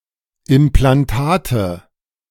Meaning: nominative/accusative/genitive plural of Implantat
- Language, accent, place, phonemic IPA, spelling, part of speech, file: German, Germany, Berlin, /ʔɪmplanˈtaːtə/, Implantate, noun, De-Implantate.ogg